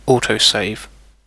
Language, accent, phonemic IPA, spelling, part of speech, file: English, UK, /ˈɔːtəʊˌseɪv/, autosave, noun / verb, En-uk-autosave.ogg
- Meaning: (noun) A software facility that saves an open document (or progress in a game, etc.) periodically to avoid the risk of data loss